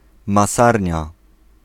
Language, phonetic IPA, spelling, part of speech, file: Polish, [maˈsarʲɲa], masarnia, noun, Pl-masarnia.ogg